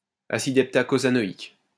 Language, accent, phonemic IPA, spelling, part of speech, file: French, France, /a.sid ɛp.ta.ko.za.nɔ.ik/, acide heptacosanoïque, noun, LL-Q150 (fra)-acide heptacosanoïque.wav
- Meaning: heptacosanoic acid